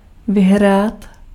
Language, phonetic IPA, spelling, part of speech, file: Czech, [ˈvɪɦraːt], vyhrát, verb, Cs-vyhrát.ogg
- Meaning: to win